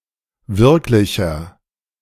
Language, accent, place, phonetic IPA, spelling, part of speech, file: German, Germany, Berlin, [ˈvɪʁklɪçɐ], wirklicher, adjective, De-wirklicher.ogg
- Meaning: 1. comparative degree of wirklich 2. inflection of wirklich: strong/mixed nominative masculine singular 3. inflection of wirklich: strong genitive/dative feminine singular